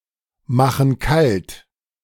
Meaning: inflection of kaltmachen: 1. first/third-person plural present 2. first/third-person plural subjunctive I
- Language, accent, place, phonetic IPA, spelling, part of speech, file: German, Germany, Berlin, [ˌmaxn̩ ˈkalt], machen kalt, verb, De-machen kalt.ogg